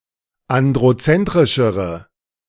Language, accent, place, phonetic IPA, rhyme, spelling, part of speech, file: German, Germany, Berlin, [ˌandʁoˈt͡sɛntʁɪʃəʁə], -ɛntʁɪʃəʁə, androzentrischere, adjective, De-androzentrischere.ogg
- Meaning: inflection of androzentrisch: 1. strong/mixed nominative/accusative feminine singular comparative degree 2. strong nominative/accusative plural comparative degree